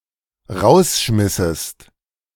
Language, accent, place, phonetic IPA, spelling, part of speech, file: German, Germany, Berlin, [ˈʁaʊ̯sˌʃmɪsəst], rausschmissest, verb, De-rausschmissest.ogg
- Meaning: second-person singular dependent subjunctive II of rausschmeißen